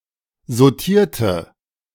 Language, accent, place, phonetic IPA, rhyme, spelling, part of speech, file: German, Germany, Berlin, [zoˈtiːɐ̯tə], -iːɐ̯tə, sautierte, adjective / verb, De-sautierte.ogg
- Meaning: inflection of sautieren: 1. first/third-person singular preterite 2. first/third-person singular subjunctive II